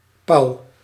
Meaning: 1. A peacock, a fowl of the genus Pavo 2. Indian peafowl (Pavo cristatus)
- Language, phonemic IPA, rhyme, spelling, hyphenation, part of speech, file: Dutch, /pɑu̯/, -ɑu̯, pauw, pauw, noun, Nl-pauw.ogg